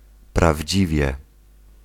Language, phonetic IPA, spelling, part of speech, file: Polish, [pravʲˈd͡ʑivʲjɛ], prawdziwie, adverb, Pl-prawdziwie.ogg